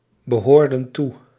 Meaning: inflection of toebehoren: 1. plural past indicative 2. plural past subjunctive
- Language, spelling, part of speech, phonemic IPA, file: Dutch, behoorden toe, verb, /bəˈhordə(n) ˈtu/, Nl-behoorden toe.ogg